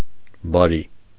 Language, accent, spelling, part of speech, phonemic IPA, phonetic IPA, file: Armenian, Eastern Armenian, բարի, adjective / noun / particle, /bɑˈɾi/, [bɑɾí], Hy-բարի.ogg
- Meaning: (adjective) 1. kind, kind-hearted, good-natured, good 2. good; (particle) all right!, very well!, agreed!, OK